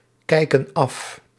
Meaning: inflection of afkijken: 1. plural present indicative 2. plural present subjunctive
- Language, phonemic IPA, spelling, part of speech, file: Dutch, /ˈkɛikə(n) ˈɑf/, kijken af, verb, Nl-kijken af.ogg